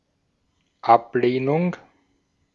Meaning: rejection
- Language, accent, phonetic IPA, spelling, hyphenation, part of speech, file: German, Austria, [ˈʔapleːnʊŋ], Ablehnung, Ab‧leh‧nung, noun, De-at-Ablehnung.ogg